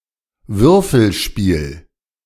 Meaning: dice
- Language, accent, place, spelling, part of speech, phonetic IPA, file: German, Germany, Berlin, Würfelspiel, noun, [ˈvʏʁfl̩ˌʃpiːl], De-Würfelspiel.ogg